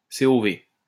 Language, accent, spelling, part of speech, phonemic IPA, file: French, France, COV, noun, /se.o.ve/, LL-Q150 (fra)-COV.wav
- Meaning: VOC